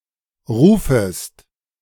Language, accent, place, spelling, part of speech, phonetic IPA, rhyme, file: German, Germany, Berlin, rufest, verb, [ˈʁuːfəst], -uːfəst, De-rufest.ogg
- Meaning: second-person singular subjunctive I of rufen